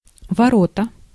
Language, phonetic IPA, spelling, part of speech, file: Russian, [vɐˈrotə], ворота, noun, Ru-ворота.ogg
- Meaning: 1. gate 2. goal (in many sports, e.g. soccer, an area into which the players attempt to put an object)